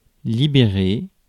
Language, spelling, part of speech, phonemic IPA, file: French, libérer, verb, /li.be.ʁe/, Fr-libérer.ogg
- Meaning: 1. to liberate, to set free, to release from captivity 2. to vacate, to move out of (e.g. a house)